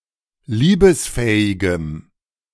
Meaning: strong dative masculine/neuter singular of liebesfähig
- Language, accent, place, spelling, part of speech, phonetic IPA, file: German, Germany, Berlin, liebesfähigem, adjective, [ˈliːbəsˌfɛːɪɡəm], De-liebesfähigem.ogg